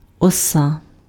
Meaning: wasp
- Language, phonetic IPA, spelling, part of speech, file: Ukrainian, [ɔˈsa], оса, noun, Uk-оса.ogg